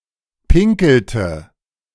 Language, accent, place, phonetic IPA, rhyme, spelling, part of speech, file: German, Germany, Berlin, [ˈpɪŋkl̩tə], -ɪŋkl̩tə, pinkelte, verb, De-pinkelte.ogg
- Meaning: inflection of pinkeln: 1. first/third-person singular preterite 2. first/third-person singular subjunctive II